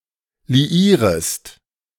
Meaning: second-person singular subjunctive I of liieren
- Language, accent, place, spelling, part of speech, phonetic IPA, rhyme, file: German, Germany, Berlin, liierest, verb, [liˈiːʁəst], -iːʁəst, De-liierest.ogg